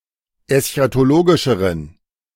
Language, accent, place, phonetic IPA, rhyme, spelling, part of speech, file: German, Germany, Berlin, [ɛsçatoˈloːɡɪʃəʁən], -oːɡɪʃəʁən, eschatologischeren, adjective, De-eschatologischeren.ogg
- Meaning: inflection of eschatologisch: 1. strong genitive masculine/neuter singular comparative degree 2. weak/mixed genitive/dative all-gender singular comparative degree